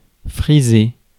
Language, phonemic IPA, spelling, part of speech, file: French, /fʁi.ze/, friser, verb, Fr-friser.ogg
- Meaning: 1. to curl 2. to graze, to pass by barely touching 3. to skip, to print double 4. to border on, verge on 5. to buzz